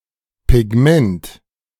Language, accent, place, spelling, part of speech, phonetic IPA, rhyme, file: German, Germany, Berlin, Pigment, noun, [pɪˈɡmɛnt], -ɛnt, De-Pigment.ogg
- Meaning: pigment